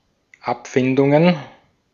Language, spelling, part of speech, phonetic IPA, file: German, Abfindungen, noun, [ˈapˌfɪndʊŋən], De-at-Abfindungen.ogg
- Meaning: plural of Abfindung